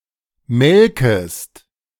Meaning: second-person singular subjunctive I of melken
- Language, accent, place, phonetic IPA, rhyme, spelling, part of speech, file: German, Germany, Berlin, [ˈmɛlkəst], -ɛlkəst, melkest, verb, De-melkest.ogg